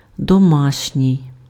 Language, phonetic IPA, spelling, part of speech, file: Ukrainian, [dɔˈmaʃnʲii̯], домашній, adjective, Uk-домашній.ogg
- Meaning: 1. domestic 2. home, house, household (attributive)